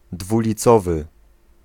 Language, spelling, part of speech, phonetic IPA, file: Polish, dwulicowy, adjective, [ˌdvulʲiˈt͡sɔvɨ], Pl-dwulicowy.ogg